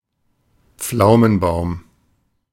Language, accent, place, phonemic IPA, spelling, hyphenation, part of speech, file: German, Germany, Berlin, /ˈp͡flaʊ̯mənˌbaʊ̯m/, Pflaumenbaum, Pflau‧men‧baum, noun, De-Pflaumenbaum.ogg
- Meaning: plum tree